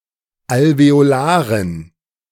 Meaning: dative plural of Alveolar
- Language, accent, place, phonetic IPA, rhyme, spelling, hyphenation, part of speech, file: German, Germany, Berlin, [alveoˈlaːʁən], -aːʁən, Alveolaren, Al‧ve‧o‧la‧ren, noun, De-Alveolaren.ogg